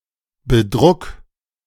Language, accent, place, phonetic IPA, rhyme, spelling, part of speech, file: German, Germany, Berlin, [bəˈdʁʊk], -ʊk, bedruck, verb, De-bedruck.ogg
- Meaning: 1. singular imperative of bedrucken 2. first-person singular present of bedrucken